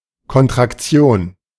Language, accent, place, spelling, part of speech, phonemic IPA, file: German, Germany, Berlin, Kontraktion, noun, /kɔntʁakˈtsjoːn/, De-Kontraktion.ogg
- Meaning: contraction